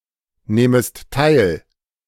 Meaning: second-person singular subjunctive I of teilnehmen
- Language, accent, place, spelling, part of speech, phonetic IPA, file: German, Germany, Berlin, nehmest teil, verb, [ˌneːməst ˈtaɪ̯l], De-nehmest teil.ogg